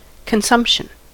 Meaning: 1. The act of eating, drinking or using 2. The amount consumed 3. The act of consuming or destroying 4. The wasting away of the human body through disease
- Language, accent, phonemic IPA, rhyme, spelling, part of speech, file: English, US, /kənˈsʌmp.ʃən/, -ʌmpʃən, consumption, noun, En-us-consumption.ogg